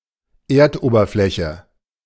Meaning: surface of the Earth
- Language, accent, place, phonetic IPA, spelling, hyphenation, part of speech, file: German, Germany, Berlin, [ˈeːɐ̯tʔoːbɐflɛçə], Erdoberfläche, Erd‧ober‧flä‧che, noun, De-Erdoberfläche.ogg